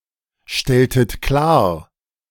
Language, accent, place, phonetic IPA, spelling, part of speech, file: German, Germany, Berlin, [ˌʃtɛltət ˈklaːɐ̯], stelltet klar, verb, De-stelltet klar.ogg
- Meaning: inflection of klarstellen: 1. second-person plural preterite 2. second-person plural subjunctive II